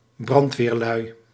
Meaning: plural of brandweerman
- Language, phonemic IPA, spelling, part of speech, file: Dutch, /ˈbrɑntwerˌlœy/, brandweerlui, noun, Nl-brandweerlui.ogg